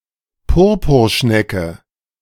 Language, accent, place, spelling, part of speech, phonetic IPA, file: German, Germany, Berlin, Purpurschnecke, noun, [ˈpʊʁpʊʁˌʃnɛkə], De-Purpurschnecke.ogg
- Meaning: A marine gastropod mollusk, banded dye-murex, Hexaplex trunculus, Murex trunculus